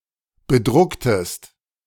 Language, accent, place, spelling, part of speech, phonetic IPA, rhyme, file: German, Germany, Berlin, bedrucktest, verb, [bəˈdʁʊktəst], -ʊktəst, De-bedrucktest.ogg
- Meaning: inflection of bedrucken: 1. second-person singular preterite 2. second-person singular subjunctive II